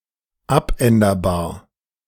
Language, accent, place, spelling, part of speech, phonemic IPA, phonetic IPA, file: German, Germany, Berlin, abänderbar, adjective, /ˈapˌɛndəʁˌbaːʁ/, [ˈʔapˌɛndɐˌbaːɐ̯], De-abänderbar2.ogg
- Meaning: alterable